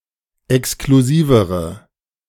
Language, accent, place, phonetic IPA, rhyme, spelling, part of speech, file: German, Germany, Berlin, [ɛkskluˈziːvəʁə], -iːvəʁə, exklusivere, adjective, De-exklusivere.ogg
- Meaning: inflection of exklusiv: 1. strong/mixed nominative/accusative feminine singular comparative degree 2. strong nominative/accusative plural comparative degree